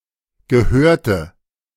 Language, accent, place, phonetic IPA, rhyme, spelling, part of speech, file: German, Germany, Berlin, [ɡəˈhøːɐ̯tə], -øːɐ̯tə, gehörte, adjective / verb, De-gehörte.ogg
- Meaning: first/third-person singular preterite of gehören